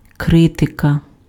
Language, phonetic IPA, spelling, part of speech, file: Ukrainian, [ˈkrɪtekɐ], критика, noun, Uk-критика.ogg
- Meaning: 1. criticism 2. critique 3. genitive/accusative singular of кри́тик (krýtyk)